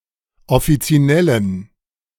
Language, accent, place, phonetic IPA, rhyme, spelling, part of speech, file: German, Germany, Berlin, [ɔfit͡siˈnɛlən], -ɛlən, offizinellen, adjective, De-offizinellen.ogg
- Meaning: inflection of offizinell: 1. strong genitive masculine/neuter singular 2. weak/mixed genitive/dative all-gender singular 3. strong/weak/mixed accusative masculine singular 4. strong dative plural